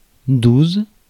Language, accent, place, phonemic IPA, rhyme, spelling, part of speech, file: French, France, Paris, /duz/, -uz, douze, numeral, Fr-douze.ogg
- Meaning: twelve